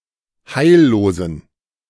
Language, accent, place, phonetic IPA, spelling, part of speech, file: German, Germany, Berlin, [ˈhaɪ̯lloːzn̩], heillosen, adjective, De-heillosen.ogg
- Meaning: inflection of heillos: 1. strong genitive masculine/neuter singular 2. weak/mixed genitive/dative all-gender singular 3. strong/weak/mixed accusative masculine singular 4. strong dative plural